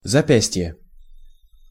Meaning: wrist
- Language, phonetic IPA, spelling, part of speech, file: Russian, [zɐˈpʲæsʲtʲje], запястье, noun, Ru-запястье.ogg